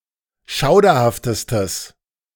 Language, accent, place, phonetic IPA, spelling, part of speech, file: German, Germany, Berlin, [ˈʃaʊ̯dɐhaftəstəs], schauderhaftestes, adjective, De-schauderhaftestes.ogg
- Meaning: strong/mixed nominative/accusative neuter singular superlative degree of schauderhaft